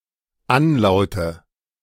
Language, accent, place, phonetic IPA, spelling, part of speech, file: German, Germany, Berlin, [ˈanˌlaʊ̯tə], Anlaute, noun, De-Anlaute.ogg
- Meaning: nominative/accusative/genitive plural of Anlaut